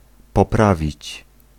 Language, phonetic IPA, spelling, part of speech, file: Polish, [pɔˈpravʲit͡ɕ], poprawić, verb, Pl-poprawić.ogg